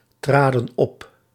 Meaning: inflection of optreden: 1. plural past indicative 2. plural past subjunctive
- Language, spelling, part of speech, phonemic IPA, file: Dutch, traden op, verb, /ˈtradə(n) ˈɔp/, Nl-traden op.ogg